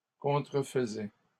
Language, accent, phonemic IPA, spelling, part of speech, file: French, Canada, /kɔ̃.tʁə.f(ə).zɛ/, contrefaisais, verb, LL-Q150 (fra)-contrefaisais.wav
- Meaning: first/second-person singular imperfect indicative of contrefaire